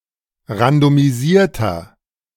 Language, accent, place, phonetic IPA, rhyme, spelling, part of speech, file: German, Germany, Berlin, [ʁandomiˈziːɐ̯tɐ], -iːɐ̯tɐ, randomisierter, adjective, De-randomisierter.ogg
- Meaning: inflection of randomisiert: 1. strong/mixed nominative masculine singular 2. strong genitive/dative feminine singular 3. strong genitive plural